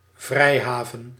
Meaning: 1. free port, free zone 2. haven, refuge
- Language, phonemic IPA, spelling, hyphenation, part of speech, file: Dutch, /ˈvrɛi̯ˌɦaː.vən/, vrijhaven, vrij‧ha‧ven, noun, Nl-vrijhaven.ogg